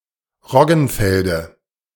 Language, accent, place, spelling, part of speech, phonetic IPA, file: German, Germany, Berlin, Roggenfelde, noun, [ˈʁɔɡn̩ˌfɛldə], De-Roggenfelde.ogg
- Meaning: dative singular of Roggenfeld